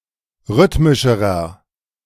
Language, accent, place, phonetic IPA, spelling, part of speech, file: German, Germany, Berlin, [ˈʁʏtmɪʃəʁɐ], rhythmischerer, adjective, De-rhythmischerer.ogg
- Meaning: inflection of rhythmisch: 1. strong/mixed nominative masculine singular comparative degree 2. strong genitive/dative feminine singular comparative degree 3. strong genitive plural comparative degree